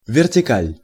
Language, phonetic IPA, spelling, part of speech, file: Russian, [vʲɪrtʲɪˈkalʲ], вертикаль, noun, Ru-вертикаль.ogg
- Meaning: 1. vertical, vertical line 2. file 3. hierarchy, reporting chain (hierarchical power structure)